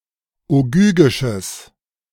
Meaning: strong/mixed nominative/accusative neuter singular of ogygisch
- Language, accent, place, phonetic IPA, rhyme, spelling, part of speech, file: German, Germany, Berlin, [oˈɡyːɡɪʃəs], -yːɡɪʃəs, ogygisches, adjective, De-ogygisches.ogg